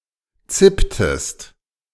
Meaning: inflection of zippen: 1. second-person singular preterite 2. second-person singular subjunctive II
- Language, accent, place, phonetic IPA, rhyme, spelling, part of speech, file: German, Germany, Berlin, [ˈt͡sɪptəst], -ɪptəst, zipptest, verb, De-zipptest.ogg